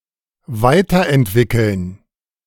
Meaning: to develop further
- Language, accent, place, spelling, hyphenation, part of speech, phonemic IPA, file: German, Germany, Berlin, weiterentwickeln, wei‧ter‧ent‧wi‧ckeln, verb, /ˈvaɪ̯tɐʔɛntˌvɪkl̩n/, De-weiterentwickeln.ogg